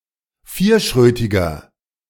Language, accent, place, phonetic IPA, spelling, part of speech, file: German, Germany, Berlin, [ˈfiːɐ̯ˌʃʁøːtɪɡɐ], vierschrötiger, adjective, De-vierschrötiger.ogg
- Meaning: 1. comparative degree of vierschrötig 2. inflection of vierschrötig: strong/mixed nominative masculine singular 3. inflection of vierschrötig: strong genitive/dative feminine singular